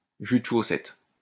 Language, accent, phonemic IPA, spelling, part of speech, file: French, France, /ʒy d(ə) ʃo.sɛt/, jus de chaussette, noun, LL-Q150 (fra)-jus de chaussette.wav
- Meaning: bad coffee